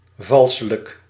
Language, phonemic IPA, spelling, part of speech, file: Dutch, /ˈvɑlsələk/, valselijk, adverb, Nl-valselijk.ogg
- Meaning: falsely